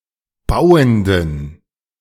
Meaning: inflection of bauend: 1. strong genitive masculine/neuter singular 2. weak/mixed genitive/dative all-gender singular 3. strong/weak/mixed accusative masculine singular 4. strong dative plural
- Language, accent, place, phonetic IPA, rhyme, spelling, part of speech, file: German, Germany, Berlin, [ˈbaʊ̯əndn̩], -aʊ̯əndn̩, bauenden, adjective, De-bauenden.ogg